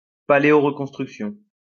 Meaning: reconstruction
- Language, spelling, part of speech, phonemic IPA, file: French, reconstruction, noun, /ʁə.kɔ̃s.tʁyk.sjɔ̃/, LL-Q150 (fra)-reconstruction.wav